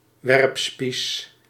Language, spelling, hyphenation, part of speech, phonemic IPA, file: Dutch, werpspies, werp‧spies, noun, /ˈʋɛrp.spis/, Nl-werpspies.ogg
- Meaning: javelin